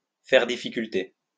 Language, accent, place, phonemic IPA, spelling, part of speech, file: French, France, Lyon, /fɛʁ di.fi.kyl.te/, faire difficulté, verb, LL-Q150 (fra)-faire difficulté.wav
- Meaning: 1. to object to (doing something), to be reluctant to (do something), to (do something) grudgingly 2. to be problematic